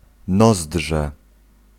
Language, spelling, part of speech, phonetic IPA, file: Polish, nozdrze, noun, [ˈnɔzḍʒɛ], Pl-nozdrze.ogg